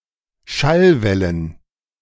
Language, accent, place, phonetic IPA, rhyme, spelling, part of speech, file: German, Germany, Berlin, [ˈʃalˌvɛlən], -alvɛlən, Schallwellen, noun, De-Schallwellen.ogg
- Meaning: plural of Schallwelle